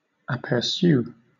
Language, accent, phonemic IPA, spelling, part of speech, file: English, Southern England, /ˌa.pɛːˈsjuː/, aperçu, noun, LL-Q1860 (eng)-aperçu.wav
- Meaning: 1. A clever or insightful distillation; an aphorism 2. An outline or summary; also, words that summarize